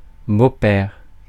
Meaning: 1. a father-in-law, the father of one's spouse 2. a stepfather, stepdad, the present husband of the mother of a child from a previous marriage
- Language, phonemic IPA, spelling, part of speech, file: French, /bo.pɛʁ/, beau-père, noun, Fr-beau-père.ogg